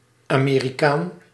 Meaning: an American (person born in or citizen of the USA or the Americas)
- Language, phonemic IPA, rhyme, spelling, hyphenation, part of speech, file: Dutch, /ˌaː.meː.riˈkaːn/, -aːn, Amerikaan, Ame‧ri‧kaan, noun, Nl-Amerikaan.ogg